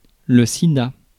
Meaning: acronym of syndrome d'immunodéficience acquise; AIDS
- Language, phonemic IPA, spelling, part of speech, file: French, /si.da/, sida, noun, Fr-sida.ogg